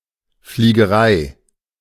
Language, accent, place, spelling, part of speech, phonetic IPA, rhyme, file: German, Germany, Berlin, Fliegerei, noun, [fliːɡəˈʁaɪ̯], -aɪ̯, De-Fliegerei.ogg
- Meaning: aviation